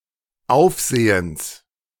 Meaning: genitive singular of Aufsehen
- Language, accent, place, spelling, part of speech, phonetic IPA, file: German, Germany, Berlin, Aufsehens, noun, [ˈaʊ̯fˌzeːəns], De-Aufsehens.ogg